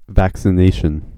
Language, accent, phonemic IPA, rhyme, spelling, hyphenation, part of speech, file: English, US, /ˌvæk.sɪˈneɪ.ʃən/, -eɪʃən, vaccination, vac‧ci‧na‧tion, noun, En-us-vaccination.ogg
- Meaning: Inoculation with a vaccine, in order to protect from a particular disease or strain of disease